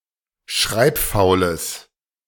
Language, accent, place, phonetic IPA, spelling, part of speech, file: German, Germany, Berlin, [ˈʃʁaɪ̯pˌfaʊ̯ləs], schreibfaules, adjective, De-schreibfaules.ogg
- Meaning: strong/mixed nominative/accusative neuter singular of schreibfaul